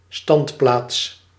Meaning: stand (designated spot where someone or something may stand or wait)
- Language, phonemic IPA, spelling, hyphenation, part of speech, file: Dutch, /ˈstɑnt.plaːts/, standplaats, stand‧plaats, noun, Nl-standplaats.ogg